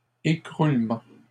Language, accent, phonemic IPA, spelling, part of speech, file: French, Canada, /e.kʁul.mɑ̃/, écroulement, noun, LL-Q150 (fra)-écroulement.wav
- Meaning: collapse